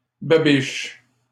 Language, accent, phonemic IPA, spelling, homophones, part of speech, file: French, Canada, /ba.biʃ/, babiche, babiches, noun, LL-Q150 (fra)-babiche.wav
- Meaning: 1. babiche 2. old, ragged garment 3. small bits, shards, shavings 4. energy 5. mouth 6. grimace, pout (facial expression of displeasure or sulkiness)